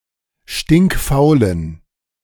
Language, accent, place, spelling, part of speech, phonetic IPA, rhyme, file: German, Germany, Berlin, stinkfaulen, adjective, [ˌʃtɪŋkˈfaʊ̯lən], -aʊ̯lən, De-stinkfaulen.ogg
- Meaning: inflection of stinkfaul: 1. strong genitive masculine/neuter singular 2. weak/mixed genitive/dative all-gender singular 3. strong/weak/mixed accusative masculine singular 4. strong dative plural